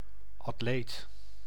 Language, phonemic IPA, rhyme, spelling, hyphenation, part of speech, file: Dutch, /ɑtˈleːt/, -eːt, atleet, at‧leet, noun, Nl-atleet.ogg
- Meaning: athlete (a person who actively participates in physical sports, esp. one highly skilled in sports)